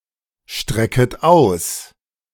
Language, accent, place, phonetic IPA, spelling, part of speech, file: German, Germany, Berlin, [ˌʃtʁɛkət ˈaʊ̯s], strecket aus, verb, De-strecket aus.ogg
- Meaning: second-person plural subjunctive I of ausstrecken